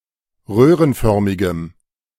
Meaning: strong dative masculine/neuter singular of röhrenförmig
- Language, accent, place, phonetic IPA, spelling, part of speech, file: German, Germany, Berlin, [ˈʁøːʁənˌfœʁmɪɡəm], röhrenförmigem, adjective, De-röhrenförmigem.ogg